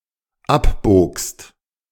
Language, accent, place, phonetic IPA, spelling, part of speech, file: German, Germany, Berlin, [ˈapˌboːkst], abbogst, verb, De-abbogst.ogg
- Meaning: second-person singular dependent preterite of abbiegen